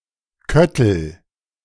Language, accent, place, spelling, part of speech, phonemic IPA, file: German, Germany, Berlin, Köttel, noun, /ˈkœtəl/, De-Köttel.ogg
- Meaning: a small piece of hard (chiefly animal) feces